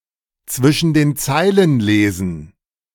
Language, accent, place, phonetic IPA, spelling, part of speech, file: German, Germany, Berlin, [ˈt͡svɪʃn̩ deːn ˈt͡saɪ̯lən ˈleːzn̩], zwischen den Zeilen lesen, phrase, De-zwischen den Zeilen lesen.ogg
- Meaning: to read between the lines